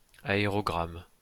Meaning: aerogram (a thin piece of foldable and gummed paper for writing a letter and serving as its own envelope for transit via airmail)
- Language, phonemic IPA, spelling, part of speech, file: French, /a.e.ʁɔ.ɡʁam/, aérogramme, noun, LL-Q150 (fra)-aérogramme.wav